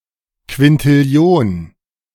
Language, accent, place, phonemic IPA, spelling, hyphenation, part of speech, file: German, Germany, Berlin, /kvɪntɪˈli̯oːn/, Quintillion, Quin‧til‧li‧on, numeral, De-Quintillion.ogg
- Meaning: nonillion (10³⁰)